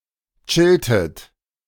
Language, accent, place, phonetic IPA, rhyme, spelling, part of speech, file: German, Germany, Berlin, [ˈt͡ʃɪltət], -ɪltət, chilltet, verb, De-chilltet.ogg
- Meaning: inflection of chillen: 1. second-person plural preterite 2. second-person plural subjunctive II